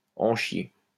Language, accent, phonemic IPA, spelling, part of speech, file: French, France, /ɑ̃ ʃje/, en chier, verb, LL-Q150 (fra)-en chier.wav
- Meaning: to go through hell, to suffer, to have a hard time (doing something), to have a job (doing something), to have a rough time of it; to go through the mill (with a purpose)